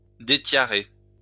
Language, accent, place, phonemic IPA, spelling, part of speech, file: French, France, Lyon, /de.tja.ʁe/, détiarer, verb, LL-Q150 (fra)-détiarer.wav
- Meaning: to deprive of one's tiara; to discrown